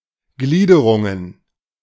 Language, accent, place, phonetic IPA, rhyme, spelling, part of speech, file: German, Germany, Berlin, [ˈɡliːdəʁʊŋən], -iːdəʁʊŋən, Gliederungen, noun, De-Gliederungen.ogg
- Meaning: plural of Gliederung